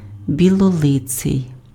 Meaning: white-faced
- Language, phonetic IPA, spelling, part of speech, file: Ukrainian, [bʲiɫɔˈɫɪt͡sei̯], білолиций, adjective, Uk-білолиций.ogg